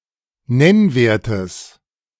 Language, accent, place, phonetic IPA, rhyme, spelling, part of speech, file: German, Germany, Berlin, [ˈnɛnˌveːɐ̯təs], -ɛnveːɐ̯təs, Nennwertes, noun, De-Nennwertes.ogg
- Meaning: genitive singular of Nennwert